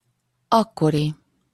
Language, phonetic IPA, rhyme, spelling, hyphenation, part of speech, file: Hungarian, [ˈɒkːori], -ri, akkori, ak‧ko‧ri, adjective, Hu-akkori.opus
- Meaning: then, of that time (existing, as it was then)